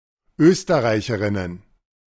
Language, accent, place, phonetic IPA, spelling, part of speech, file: German, Germany, Berlin, [ˈøːstɐˌʁaɪ̯çəʁɪnən], Österreicherinnen, noun, De-Österreicherinnen.ogg
- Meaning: plural of Österreicherin